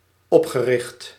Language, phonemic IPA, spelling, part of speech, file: Dutch, /ˈɔpxərɪxt/, opgericht, verb / adjective, Nl-opgericht.ogg
- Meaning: past participle of oprichten